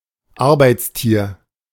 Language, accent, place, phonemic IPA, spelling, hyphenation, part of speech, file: German, Germany, Berlin, /ˈaʁbaɪ̯tsˌtiːʁ/, Arbeitstier, Ar‧beits‧tier, noun, De-Arbeitstier.ogg
- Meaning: 1. an animal that does labour for people; beast of burden 2. a person who works exaggeratedly hard: workaholic (one who cannot relax)